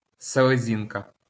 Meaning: spleen, milt (organ)
- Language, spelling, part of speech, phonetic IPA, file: Ukrainian, селезінка, noun, [seɫeˈzʲinkɐ], LL-Q8798 (ukr)-селезінка.wav